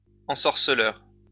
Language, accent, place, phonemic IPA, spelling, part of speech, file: French, France, Lyon, /ɑ̃.sɔʁ.sə.lœʁ/, ensorceleur, adjective / noun, LL-Q150 (fra)-ensorceleur.wav
- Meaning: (adjective) bewitching; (noun) sorcerer, bewitcher